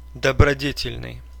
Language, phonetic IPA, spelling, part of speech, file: Russian, [dəbrɐˈdʲetʲɪlʲnɨj], добродетельный, adjective, Ru-доброде́тельный.ogg
- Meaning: virtuous, righteous